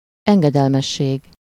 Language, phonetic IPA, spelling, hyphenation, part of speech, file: Hungarian, [ˈɛŋɡɛdɛlmɛʃːeːɡ], engedelmesség, en‧ge‧del‧mes‧ség, noun, Hu-engedelmesség.ogg
- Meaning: obedience